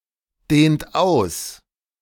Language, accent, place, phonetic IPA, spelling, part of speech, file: German, Germany, Berlin, [ˌdeːnt ˈaʊ̯s], dehnt aus, verb, De-dehnt aus.ogg
- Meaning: inflection of ausdehnen: 1. third-person singular present 2. second-person plural present 3. plural imperative